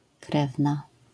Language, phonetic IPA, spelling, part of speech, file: Polish, [ˈkrɛvna], krewna, noun, LL-Q809 (pol)-krewna.wav